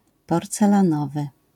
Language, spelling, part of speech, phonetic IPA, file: Polish, porcelanowy, adjective, [ˌpɔrt͡sɛlãˈnɔvɨ], LL-Q809 (pol)-porcelanowy.wav